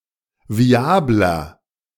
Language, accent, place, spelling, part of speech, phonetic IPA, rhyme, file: German, Germany, Berlin, viabler, adjective, [viˈaːblɐ], -aːblɐ, De-viabler.ogg
- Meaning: 1. comparative degree of viabel 2. inflection of viabel: strong/mixed nominative masculine singular 3. inflection of viabel: strong genitive/dative feminine singular